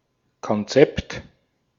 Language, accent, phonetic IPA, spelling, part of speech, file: German, Austria, [kɔnˈtsɛpt], Konzept, noun, De-at-Konzept.ogg
- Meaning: 1. blueprint, draft 2. concept (something understood, and retained in the mind)